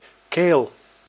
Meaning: 1. throat 2. gules, the blazoning term for the color red
- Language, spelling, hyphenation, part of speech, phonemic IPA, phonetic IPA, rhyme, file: Dutch, keel, keel, noun, /keːl/, [keːɫ], -eːl, Nl-keel.ogg